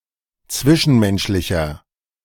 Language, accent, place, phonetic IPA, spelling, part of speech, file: German, Germany, Berlin, [ˈt͡svɪʃn̩ˌmɛnʃlɪçɐ], zwischenmenschlicher, adjective, De-zwischenmenschlicher.ogg
- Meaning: inflection of zwischenmenschlich: 1. strong/mixed nominative masculine singular 2. strong genitive/dative feminine singular 3. strong genitive plural